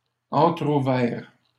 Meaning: masculine plural of entrouvert
- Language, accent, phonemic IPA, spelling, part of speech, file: French, Canada, /ɑ̃.tʁu.vɛʁ/, entrouverts, adjective, LL-Q150 (fra)-entrouverts.wav